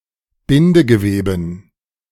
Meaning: dative plural of Bindegewebe
- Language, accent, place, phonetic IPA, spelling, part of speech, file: German, Germany, Berlin, [ˈbɪndəɡəˌveːbn̩], Bindegeweben, noun, De-Bindegeweben.ogg